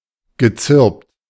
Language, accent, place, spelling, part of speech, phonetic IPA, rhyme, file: German, Germany, Berlin, gezirpt, verb, [ɡəˈt͡sɪʁpt], -ɪʁpt, De-gezirpt.ogg
- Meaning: past participle of zirpen